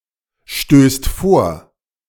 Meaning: second/third-person singular present of vorstoßen
- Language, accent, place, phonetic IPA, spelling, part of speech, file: German, Germany, Berlin, [ˌʃtøːst ˈfoːɐ̯], stößt vor, verb, De-stößt vor.ogg